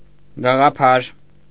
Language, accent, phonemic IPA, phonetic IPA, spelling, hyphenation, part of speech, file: Armenian, Eastern Armenian, /ɡɑʁɑˈpʰɑɾ/, [ɡɑʁɑpʰɑ́ɾ], գաղափար, գա‧ղա‧փար, noun, Hy-գաղափար.ogg
- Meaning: idea